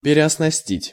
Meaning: to reequip, to replace old equipment of
- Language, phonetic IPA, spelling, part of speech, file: Russian, [pʲɪrʲɪəsnɐˈsʲtʲitʲ], переоснастить, verb, Ru-переоснастить.ogg